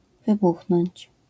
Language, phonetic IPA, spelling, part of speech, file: Polish, [vɨˈbuxnɔ̃ɲt͡ɕ], wybuchnąć, verb, LL-Q809 (pol)-wybuchnąć.wav